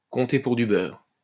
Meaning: to not count for anything, to count for nothing, to not come into account
- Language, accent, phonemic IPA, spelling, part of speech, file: French, France, /kɔ̃.te puʁ dy bœʁ/, compter pour du beurre, verb, LL-Q150 (fra)-compter pour du beurre.wav